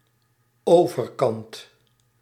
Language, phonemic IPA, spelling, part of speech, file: Dutch, /ˈovərˌkɑnt/, overkant, noun, Nl-overkant.ogg
- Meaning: the other side, the opposite side, the far side